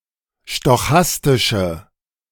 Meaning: inflection of stochastisch: 1. strong/mixed nominative/accusative feminine singular 2. strong nominative/accusative plural 3. weak nominative all-gender singular
- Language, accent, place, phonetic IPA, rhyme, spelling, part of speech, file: German, Germany, Berlin, [ʃtɔˈxastɪʃə], -astɪʃə, stochastische, adjective, De-stochastische.ogg